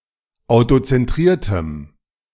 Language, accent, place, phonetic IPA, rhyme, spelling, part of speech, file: German, Germany, Berlin, [aʊ̯tot͡sɛnˈtʁiːɐ̯təm], -iːɐ̯təm, autozentriertem, adjective, De-autozentriertem.ogg
- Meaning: strong dative masculine/neuter singular of autozentriert